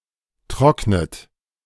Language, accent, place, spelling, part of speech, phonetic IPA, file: German, Germany, Berlin, trocknet, verb, [ˈtʁɔknət], De-trocknet.ogg
- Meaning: inflection of trocknen: 1. third-person singular present 2. second-person plural present 3. plural imperative 4. second-person plural subjunctive I